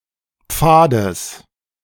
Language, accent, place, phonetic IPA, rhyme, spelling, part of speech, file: German, Germany, Berlin, [ˈp͡faːdəs], -aːdəs, Pfades, noun, De-Pfades.ogg
- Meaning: genitive singular of Pfad